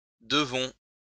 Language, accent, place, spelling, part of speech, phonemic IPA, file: French, France, Lyon, devons, noun / verb, /də.vɔ̃/, LL-Q150 (fra)-devons.wav
- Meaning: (noun) plural of devon; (verb) first-person plural present indicative of devoir